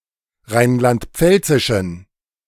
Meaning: inflection of rheinland-pfälzisch: 1. strong genitive masculine/neuter singular 2. weak/mixed genitive/dative all-gender singular 3. strong/weak/mixed accusative masculine singular
- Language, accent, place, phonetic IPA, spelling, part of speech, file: German, Germany, Berlin, [ˈʁaɪ̯nlantˈp͡fɛlt͡sɪʃn̩], rheinland-pfälzischen, adjective, De-rheinland-pfälzischen.ogg